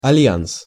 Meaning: alliance (state of being allied)
- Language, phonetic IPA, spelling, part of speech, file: Russian, [ɐˈlʲjans], альянс, noun, Ru-альянс.ogg